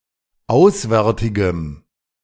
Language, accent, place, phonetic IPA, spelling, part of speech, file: German, Germany, Berlin, [ˈaʊ̯sˌvɛʁtɪɡəm], auswärtigem, adjective, De-auswärtigem.ogg
- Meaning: strong dative masculine/neuter singular of auswärtig